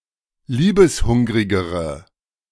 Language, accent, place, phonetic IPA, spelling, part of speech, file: German, Germany, Berlin, [ˈliːbəsˌhʊŋʁɪɡəʁə], liebeshungrigere, adjective, De-liebeshungrigere.ogg
- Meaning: inflection of liebeshungrig: 1. strong/mixed nominative/accusative feminine singular comparative degree 2. strong nominative/accusative plural comparative degree